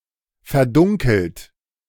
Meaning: 1. past participle of verdunkeln 2. inflection of verdunkeln: third-person singular present 3. inflection of verdunkeln: second-person plural present 4. inflection of verdunkeln: plural imperative
- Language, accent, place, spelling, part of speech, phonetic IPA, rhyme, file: German, Germany, Berlin, verdunkelt, verb, [fɛɐ̯ˈdʊŋkl̩t], -ʊŋkl̩t, De-verdunkelt.ogg